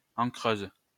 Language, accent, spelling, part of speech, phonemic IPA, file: French, France, encreuse, adjective, /ɑ̃.kʁøz/, LL-Q150 (fra)-encreuse.wav
- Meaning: feminine singular of encreur